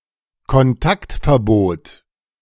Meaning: restraining order
- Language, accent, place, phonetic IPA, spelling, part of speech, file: German, Germany, Berlin, [kɔnˈtaktfɛɐ̯ˌboːt], Kontaktverbot, noun, De-Kontaktverbot.ogg